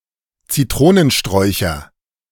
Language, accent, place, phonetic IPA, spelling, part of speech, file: German, Germany, Berlin, [t͡siˈtʁoːnənˌʃtʁɔɪ̯çɐ], Zitronensträucher, noun, De-Zitronensträucher.ogg
- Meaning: nominative/accusative/genitive plural of Zitronenstrauch